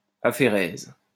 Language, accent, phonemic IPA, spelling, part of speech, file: French, France, /a.fe.ʁɛz/, aphérèse, noun, LL-Q150 (fra)-aphérèse.wav
- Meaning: aphaeresis